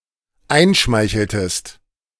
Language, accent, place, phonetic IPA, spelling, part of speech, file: German, Germany, Berlin, [ˈaɪ̯nˌʃmaɪ̯çl̩təst], einschmeicheltest, verb, De-einschmeicheltest.ogg
- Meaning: inflection of einschmeicheln: 1. second-person singular dependent preterite 2. second-person singular dependent subjunctive II